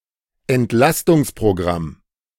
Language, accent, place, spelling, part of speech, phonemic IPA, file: German, Germany, Berlin, Entlastungsprogramm, noun, /ʔɛntˈlastʊŋs.pʁoˌɡʁam/, De-Entlastungsprogramm.ogg
- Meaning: 1. program for reducing a burden, especially financial 2. program for reducing public budgets